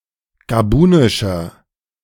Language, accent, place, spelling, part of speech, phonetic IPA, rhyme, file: German, Germany, Berlin, gabunischer, adjective, [ɡaˈbuːnɪʃɐ], -uːnɪʃɐ, De-gabunischer.ogg
- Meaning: inflection of gabunisch: 1. strong/mixed nominative masculine singular 2. strong genitive/dative feminine singular 3. strong genitive plural